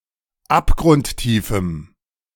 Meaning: strong dative masculine/neuter singular of abgrundtief
- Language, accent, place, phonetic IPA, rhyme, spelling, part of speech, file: German, Germany, Berlin, [ˌapɡʁʊntˈtiːfm̩], -iːfm̩, abgrundtiefem, adjective, De-abgrundtiefem.ogg